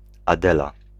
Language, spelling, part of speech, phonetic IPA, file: Polish, Adela, proper noun, [aˈdɛla], Pl-Adela.ogg